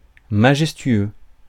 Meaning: majestic
- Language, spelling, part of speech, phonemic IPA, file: French, majestueux, adjective, /ma.ʒɛs.tɥø/, Fr-majestueux.ogg